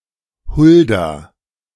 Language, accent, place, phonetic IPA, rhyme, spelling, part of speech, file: German, Germany, Berlin, [ˈhʊlda], -ʊlda, Hulda, proper noun, De-Hulda.ogg
- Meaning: 1. Huldah (biblical figure) 2. a female given name, popular in the 19th century